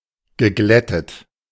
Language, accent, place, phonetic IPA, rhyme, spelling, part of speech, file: German, Germany, Berlin, [ɡəˈɡlɛtət], -ɛtət, geglättet, verb, De-geglättet.ogg
- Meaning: past participle of glätten